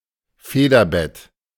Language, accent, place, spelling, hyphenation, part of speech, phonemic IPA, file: German, Germany, Berlin, Federbett, Fe‧der‧bett, noun, /ˈfeːdɐˌbɛt/, De-Federbett.ogg
- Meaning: 1. eiderdown 2. duvet